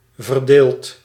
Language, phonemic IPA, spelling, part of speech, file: Dutch, /vərˈdelt/, verdeeld, adjective / verb, Nl-verdeeld.ogg
- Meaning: past participle of verdelen